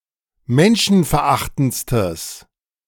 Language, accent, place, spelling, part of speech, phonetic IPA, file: German, Germany, Berlin, menschenverachtendstes, adjective, [ˈmɛnʃn̩fɛɐ̯ˌʔaxtn̩t͡stəs], De-menschenverachtendstes.ogg
- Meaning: strong/mixed nominative/accusative neuter singular superlative degree of menschenverachtend